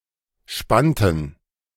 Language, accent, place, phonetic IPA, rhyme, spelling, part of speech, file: German, Germany, Berlin, [ˈʃpantn̩], -antn̩, spannten, verb, De-spannten.ogg
- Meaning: inflection of spannen: 1. first/third-person plural preterite 2. first/third-person plural subjunctive II